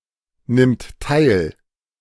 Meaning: third-person singular present of teilnehmen
- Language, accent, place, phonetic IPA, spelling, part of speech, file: German, Germany, Berlin, [ˌnɪmt ˈtaɪ̯l], nimmt teil, verb, De-nimmt teil.ogg